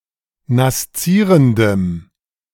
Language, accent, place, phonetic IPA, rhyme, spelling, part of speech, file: German, Germany, Berlin, [nasˈt͡siːʁəndəm], -iːʁəndəm, naszierendem, adjective, De-naszierendem.ogg
- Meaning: strong dative masculine/neuter singular of naszierend